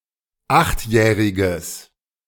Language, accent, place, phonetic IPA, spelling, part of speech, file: German, Germany, Berlin, [ˈaxtˌjɛːʁɪɡəs], achtjähriges, adjective, De-achtjähriges.ogg
- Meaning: strong/mixed nominative/accusative neuter singular of achtjährig